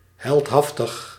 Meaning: heroic, daring, brave
- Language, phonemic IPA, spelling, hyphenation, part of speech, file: Dutch, /ˌɦɛltˈɦɑf.təx/, heldhaftig, held‧haf‧tig, adjective, Nl-heldhaftig.ogg